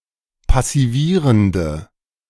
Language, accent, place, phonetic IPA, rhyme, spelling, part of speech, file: German, Germany, Berlin, [pasiˈviːʁəndə], -iːʁəndə, passivierende, adjective, De-passivierende.ogg
- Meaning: inflection of passivierend: 1. strong/mixed nominative/accusative feminine singular 2. strong nominative/accusative plural 3. weak nominative all-gender singular